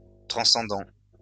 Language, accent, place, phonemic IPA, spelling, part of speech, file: French, France, Lyon, /tʁɑ̃.sɑ̃.dɑ̃/, transcendant, verb / adjective, LL-Q150 (fra)-transcendant.wav
- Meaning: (verb) present participle of transcender; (adjective) 1. transcendent 2. transcendental